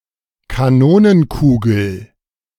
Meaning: cannonball (spherical projectile fired from a smoothbore cannon)
- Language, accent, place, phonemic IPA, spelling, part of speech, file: German, Germany, Berlin, /kaˈnoːnənˌkuːɡl̩/, Kanonenkugel, noun, De-Kanonenkugel.ogg